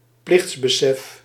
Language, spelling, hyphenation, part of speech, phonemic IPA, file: Dutch, plichtsbesef, plichts‧be‧sef, noun, /ˈplɪxts.bəˌsɛf/, Nl-plichtsbesef.ogg
- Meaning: sense of duty